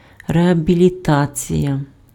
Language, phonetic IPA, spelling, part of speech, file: Ukrainian, [reɐbʲilʲiˈtat͡sʲijɐ], реабілітація, noun, Uk-реабілітація.ogg
- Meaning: rehabilitation